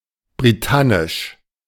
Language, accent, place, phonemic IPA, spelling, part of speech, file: German, Germany, Berlin, /briˈtanɪʃ/, britannisch, adjective, De-britannisch.ogg
- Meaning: 1. British (referring to the Celtic-speaking inhabitants of ancient Britain) 2. Britannic, Brythonic (referring to a branch of the Insular Celtic languages)